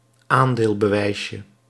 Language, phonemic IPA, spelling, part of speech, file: Dutch, /ˈandelbəˌwɛisjə/, aandeelbewijsje, noun, Nl-aandeelbewijsje.ogg
- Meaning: diminutive of aandeelbewijs